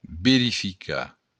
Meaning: to verify
- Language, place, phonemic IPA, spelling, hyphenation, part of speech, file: Occitan, Béarn, /beɾifiˈka/, verificar, ve‧ri‧fi‧car, verb, LL-Q14185 (oci)-verificar.wav